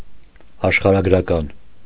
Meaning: geographical, geographic
- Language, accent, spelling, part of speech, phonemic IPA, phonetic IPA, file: Armenian, Eastern Armenian, աշխարհագրական, adjective, /ɑʃχɑɾɑɡɾɑˈkɑn/, [ɑʃχɑɾɑɡɾɑkɑ́n], Hy-աշխարհագրական .ogg